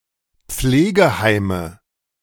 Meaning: nominative/accusative/genitive plural of Pflegeheim
- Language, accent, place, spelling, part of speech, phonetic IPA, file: German, Germany, Berlin, Pflegeheime, noun, [ˈp͡fleːɡəˌhaɪ̯mə], De-Pflegeheime.ogg